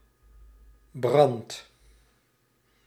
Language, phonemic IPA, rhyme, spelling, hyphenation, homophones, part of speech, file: Dutch, /brɑnt/, -ɑnt, brandt, brandt, brand / Brand / Brandt, verb, Nl-brandt.ogg
- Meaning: inflection of branden: 1. second/third-person singular present indicative 2. plural imperative